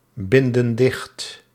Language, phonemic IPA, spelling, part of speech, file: Dutch, /ˈbɪndə(n) ˈdɪxt/, binden dicht, verb, Nl-binden dicht.ogg
- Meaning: inflection of dichtbinden: 1. plural present indicative 2. plural present subjunctive